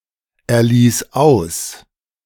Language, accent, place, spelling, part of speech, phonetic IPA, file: German, Germany, Berlin, erlies aus, verb, [ɛɐ̯ˌliːs ˈaʊ̯s], De-erlies aus.ogg
- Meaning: singular imperative of auserlesen